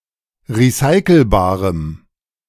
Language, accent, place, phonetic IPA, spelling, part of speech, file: German, Germany, Berlin, [ʁiˈsaɪ̯kl̩baːʁəm], recyclebarem, adjective, De-recyclebarem.ogg
- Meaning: strong dative masculine/neuter singular of recyclebar